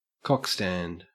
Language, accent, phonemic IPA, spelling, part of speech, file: English, Australia, /ˈkɑkˌstænd/, cock-stand, noun, En-au-cock-stand.ogg
- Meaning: An erection